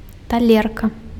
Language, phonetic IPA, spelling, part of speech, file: Belarusian, [taˈlʲerka], талерка, noun, Be-талерка.ogg
- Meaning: plate (a serving dish)